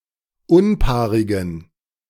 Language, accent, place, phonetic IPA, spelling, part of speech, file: German, Germany, Berlin, [ˈʊnˌpaːʁɪɡn̩], unpaarigen, adjective, De-unpaarigen.ogg
- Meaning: inflection of unpaarig: 1. strong genitive masculine/neuter singular 2. weak/mixed genitive/dative all-gender singular 3. strong/weak/mixed accusative masculine singular 4. strong dative plural